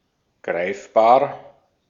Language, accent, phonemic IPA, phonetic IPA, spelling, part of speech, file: German, Austria, /ˈɡʁaɪ̯fˌbaːʁ/, [ˈɡʁaɪ̯fˌbaːɐ̯], greifbar, adjective, De-at-greifbar.ogg
- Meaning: palpable, tangible